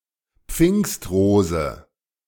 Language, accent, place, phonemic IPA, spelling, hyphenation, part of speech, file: German, Germany, Berlin, /ˈpfɪŋstˌʁoːzə/, Pfingstrose, Pfingst‧ro‧se, noun, De-Pfingstrose.ogg
- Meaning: peony